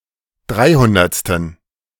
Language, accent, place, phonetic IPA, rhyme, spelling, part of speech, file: German, Germany, Berlin, [ˈdʁaɪ̯ˌhʊndɐt͡stn̩], -aɪ̯hʊndɐt͡stn̩, dreihundertsten, adjective, De-dreihundertsten.ogg
- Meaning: inflection of dreihundertste: 1. strong genitive masculine/neuter singular 2. weak/mixed genitive/dative all-gender singular 3. strong/weak/mixed accusative masculine singular 4. strong dative plural